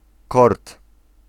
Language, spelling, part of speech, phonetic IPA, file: Polish, kort, noun, [kɔrt], Pl-kort.ogg